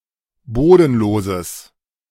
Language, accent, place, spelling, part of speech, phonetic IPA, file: German, Germany, Berlin, bodenloses, adjective, [ˈboːdn̩ˌloːzəs], De-bodenloses.ogg
- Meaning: strong/mixed nominative/accusative neuter singular of bodenlos